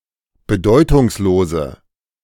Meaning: inflection of bedeutungslos: 1. strong/mixed nominative/accusative feminine singular 2. strong nominative/accusative plural 3. weak nominative all-gender singular
- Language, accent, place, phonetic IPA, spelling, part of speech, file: German, Germany, Berlin, [bəˈdɔɪ̯tʊŋsˌloːzə], bedeutungslose, adjective, De-bedeutungslose.ogg